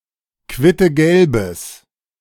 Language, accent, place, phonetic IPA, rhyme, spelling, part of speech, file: German, Germany, Berlin, [ˌkvɪtəˈɡɛlbəs], -ɛlbəs, quittegelbes, adjective, De-quittegelbes.ogg
- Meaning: strong/mixed nominative/accusative neuter singular of quittegelb